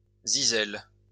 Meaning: plural of zyzel
- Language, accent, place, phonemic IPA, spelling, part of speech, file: French, France, Lyon, /zi.zɛl/, zyzels, noun, LL-Q150 (fra)-zyzels.wav